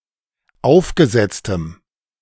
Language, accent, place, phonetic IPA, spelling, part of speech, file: German, Germany, Berlin, [ˈaʊ̯fɡəˌzɛt͡stəm], aufgesetztem, adjective, De-aufgesetztem.ogg
- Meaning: strong dative masculine/neuter singular of aufgesetzt